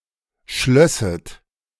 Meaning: second-person plural subjunctive II of schließen
- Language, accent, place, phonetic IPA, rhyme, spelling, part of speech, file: German, Germany, Berlin, [ˈʃlœsət], -œsət, schlösset, verb, De-schlösset.ogg